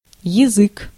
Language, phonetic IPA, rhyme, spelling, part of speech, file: Russian, [(j)ɪˈzɨk], -ɨk, язык, noun, Ru-язык.ogg
- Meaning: 1. tongue 2. language 3. prisoner for interrogation, canary, informer 4. clapper (of a bell) 5. interpreter